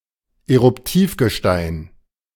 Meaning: igneous rock
- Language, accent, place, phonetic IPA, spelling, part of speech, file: German, Germany, Berlin, [eʁʊpˈtiːfɡəˌʃtaɪ̯n], Eruptivgestein, noun, De-Eruptivgestein.ogg